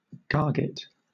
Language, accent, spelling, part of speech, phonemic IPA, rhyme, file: English, Southern England, garget, noun, /ˈɡɑː(ɹ)ɡɪt/, -ɑː(ɹ)ɡɪt, LL-Q1860 (eng)-garget.wav
- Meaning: 1. An inflammation on a cow's or sheep's udder; synonym of mastitis 2. A distemper in pigs accompanied by staggering and loss of appetite 3. Pokeweed